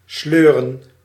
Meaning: to pull, to drag, to tow (usually in a careless or unrefined manner)
- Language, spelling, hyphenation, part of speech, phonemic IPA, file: Dutch, sleuren, sleu‧ren, verb, /ˈsløː.rə(n)/, Nl-sleuren.ogg